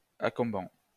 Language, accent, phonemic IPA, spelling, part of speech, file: French, France, /a.kɔ̃.bɑ̃/, accombant, adjective, LL-Q150 (fra)-accombant.wav
- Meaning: accumbant